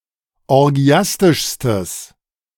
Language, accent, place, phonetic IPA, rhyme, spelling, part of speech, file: German, Germany, Berlin, [ɔʁˈɡi̯astɪʃstəs], -astɪʃstəs, orgiastischstes, adjective, De-orgiastischstes.ogg
- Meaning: strong/mixed nominative/accusative neuter singular superlative degree of orgiastisch